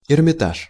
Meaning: Hermitage (museum)
- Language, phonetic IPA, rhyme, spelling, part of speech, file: Russian, [ɪrmʲɪˈtaʂ], -aʂ, Эрмитаж, proper noun, Ru-Эрмитаж.ogg